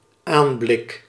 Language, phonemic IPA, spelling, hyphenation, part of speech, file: Dutch, /ˈaːn.blɪk/, aanblik, aan‧blik, noun, Nl-aanblik.ogg
- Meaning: appearance, aspect